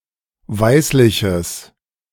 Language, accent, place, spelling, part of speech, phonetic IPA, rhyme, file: German, Germany, Berlin, weißliches, adjective, [ˈvaɪ̯slɪçəs], -aɪ̯slɪçəs, De-weißliches.ogg
- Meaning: strong/mixed nominative/accusative neuter singular of weißlich